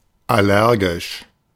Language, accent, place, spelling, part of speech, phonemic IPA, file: German, Germany, Berlin, allergisch, adjective / adverb, /ˌaˈlɛʁɡɪʃ/, De-allergisch.ogg
- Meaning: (adjective) allergic; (adverb) allergically